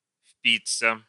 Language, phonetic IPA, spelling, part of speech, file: Russian, [ˈf⁽ʲ⁾pʲit͡sːə], впиться, verb, Ru-впиться.ogg
- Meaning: to stick (into), to pierce, to bite (into), to drive one's sting (into), to dig one's fangs (into)